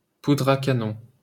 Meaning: gunpowder
- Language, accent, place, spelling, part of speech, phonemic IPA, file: French, France, Paris, poudre à canon, noun, /pu.dʁ‿a ka.nɔ̃/, LL-Q150 (fra)-poudre à canon.wav